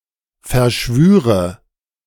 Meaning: first/third-person singular subjunctive II of verschwören
- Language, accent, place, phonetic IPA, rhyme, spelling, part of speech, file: German, Germany, Berlin, [fɛɐ̯ˈʃvyːʁə], -yːʁə, verschwüre, verb, De-verschwüre.ogg